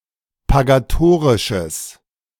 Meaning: strong/mixed nominative/accusative neuter singular of pagatorisch
- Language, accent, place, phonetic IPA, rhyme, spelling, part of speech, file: German, Germany, Berlin, [paɡaˈtoːʁɪʃəs], -oːʁɪʃəs, pagatorisches, adjective, De-pagatorisches.ogg